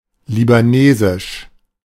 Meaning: of Lebanon; Lebanese
- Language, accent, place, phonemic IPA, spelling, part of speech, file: German, Germany, Berlin, /libaˈneːzɪʃ/, libanesisch, adjective, De-libanesisch.ogg